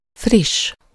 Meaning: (adjective) 1. fresh 2. recent 3. brisk, fast (having a fast space); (noun) The fast-paced part of Hungarian music and dance, especially verbunkos and csárdás
- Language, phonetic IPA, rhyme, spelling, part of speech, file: Hungarian, [ˈfriʃː], -iʃː, friss, adjective / noun, Hu-friss.ogg